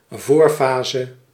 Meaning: preliminary phase, early phase
- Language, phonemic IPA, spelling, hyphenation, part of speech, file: Dutch, /ˈvoːrˌfaː.zə/, voorfase, voor‧fa‧se, noun, Nl-voorfase.ogg